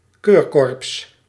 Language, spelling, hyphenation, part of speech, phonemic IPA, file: Dutch, keurkorps, keur‧korps, noun, /ˈkøːr.kɔrps/, Nl-keurkorps.ogg
- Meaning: elite (division of an) army or militia